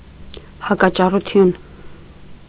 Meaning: objection; verbal opposition
- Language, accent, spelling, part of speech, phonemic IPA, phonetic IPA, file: Armenian, Eastern Armenian, հակաճառություն, noun, /hɑkɑt͡ʃɑruˈtʰjun/, [hɑkɑt͡ʃɑrut͡sʰjún], Hy-հակաճառություն.ogg